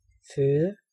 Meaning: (noun) 1. food 2. nourishment 3. diet; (verb) 1. to bear, give birth 2. to feed 3. to support
- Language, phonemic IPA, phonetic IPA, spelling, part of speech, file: Danish, /føːðə/, [ˈføːðə], føde, noun / verb, Da-føde.ogg